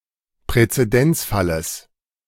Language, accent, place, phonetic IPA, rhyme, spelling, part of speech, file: German, Germany, Berlin, [pʁɛt͡seˈdɛnt͡sˌfaləs], -ɛnt͡sfaləs, Präzedenzfalles, noun, De-Präzedenzfalles.ogg
- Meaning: genitive singular of Präzedenzfall